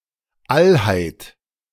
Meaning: totality
- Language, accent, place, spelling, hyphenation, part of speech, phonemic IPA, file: German, Germany, Berlin, Allheit, All‧heit, noun, /ˈalhaɪ̯t/, De-Allheit.ogg